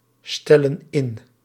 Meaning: inflection of instellen: 1. plural present indicative 2. plural present subjunctive
- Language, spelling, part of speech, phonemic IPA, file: Dutch, stellen in, verb, /ˈstɛlə(n) ˈɪn/, Nl-stellen in.ogg